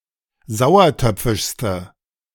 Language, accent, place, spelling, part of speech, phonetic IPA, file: German, Germany, Berlin, sauertöpfischste, adjective, [ˈzaʊ̯ɐˌtœp͡fɪʃstə], De-sauertöpfischste.ogg
- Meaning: inflection of sauertöpfisch: 1. strong/mixed nominative/accusative feminine singular superlative degree 2. strong nominative/accusative plural superlative degree